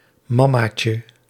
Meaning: diminutive of mamma
- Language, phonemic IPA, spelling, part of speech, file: Dutch, /ˈmɑmacə/, mammaatje, noun, Nl-mammaatje.ogg